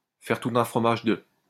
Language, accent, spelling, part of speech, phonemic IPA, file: French, France, faire tout un fromage de, verb, /fɛʁ tu.t‿œ̃ fʁɔ.maʒ də/, LL-Q150 (fra)-faire tout un fromage de.wav
- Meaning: to make a meal of, to make a big thing out of